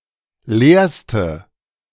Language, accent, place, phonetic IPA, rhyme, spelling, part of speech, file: German, Germany, Berlin, [ˈleːɐ̯stə], -eːɐ̯stə, leerste, adjective, De-leerste.ogg
- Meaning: inflection of leer: 1. strong/mixed nominative/accusative feminine singular superlative degree 2. strong nominative/accusative plural superlative degree